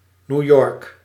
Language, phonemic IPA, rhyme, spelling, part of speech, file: Dutch, /niu̯ ˈjɔrk/, -ɔrk, New York, proper noun, Nl-New York.ogg